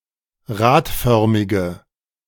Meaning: inflection of radförmig: 1. strong/mixed nominative/accusative feminine singular 2. strong nominative/accusative plural 3. weak nominative all-gender singular
- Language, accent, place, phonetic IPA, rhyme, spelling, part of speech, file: German, Germany, Berlin, [ˈʁaːtˌfœʁmɪɡə], -aːtfœʁmɪɡə, radförmige, adjective, De-radförmige.ogg